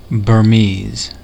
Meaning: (adjective) Of or relating to Burma (Myanmar) or its people or language; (noun) A person from Myanmar or of Burmese descent
- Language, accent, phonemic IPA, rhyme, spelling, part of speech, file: English, US, /bɝˈmiz/, -iːz, Burmese, adjective / noun / proper noun, En-us-Burmese.ogg